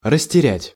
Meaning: to lose little by little
- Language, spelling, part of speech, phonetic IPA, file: Russian, растерять, verb, [rəsʲtʲɪˈrʲætʲ], Ru-растерять.ogg